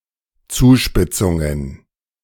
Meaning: plural of Zuspitzung
- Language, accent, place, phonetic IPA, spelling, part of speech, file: German, Germany, Berlin, [ˈt͡suːˌʃpɪt͡sʊŋən], Zuspitzungen, noun, De-Zuspitzungen.ogg